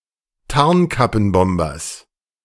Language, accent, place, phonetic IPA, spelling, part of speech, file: German, Germany, Berlin, [ˈtaʁnkapn̩ˌbɔmbɐs], Tarnkappenbombers, noun, De-Tarnkappenbombers.ogg
- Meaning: genitive singular of Tarnkappenbomber